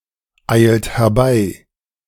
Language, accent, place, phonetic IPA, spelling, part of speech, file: German, Germany, Berlin, [ˌaɪ̯lt hɛɐ̯ˈbaɪ̯], eilt herbei, verb, De-eilt herbei.ogg
- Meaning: inflection of herbeieilen: 1. second-person plural present 2. third-person singular present 3. plural imperative